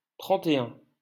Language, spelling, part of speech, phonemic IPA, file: French, trente-et-un, numeral, /tʁɑ̃.te.œ̃/, LL-Q150 (fra)-trente-et-un.wav
- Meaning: post-1990 spelling of trente et un